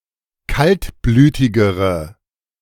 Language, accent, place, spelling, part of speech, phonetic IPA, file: German, Germany, Berlin, kaltblütigere, adjective, [ˈkaltˌblyːtɪɡəʁə], De-kaltblütigere.ogg
- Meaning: inflection of kaltblütig: 1. strong/mixed nominative/accusative feminine singular comparative degree 2. strong nominative/accusative plural comparative degree